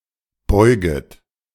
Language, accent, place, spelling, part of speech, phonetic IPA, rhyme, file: German, Germany, Berlin, beuget, verb, [ˈbɔɪ̯ɡət], -ɔɪ̯ɡət, De-beuget.ogg
- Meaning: second-person plural subjunctive I of beugen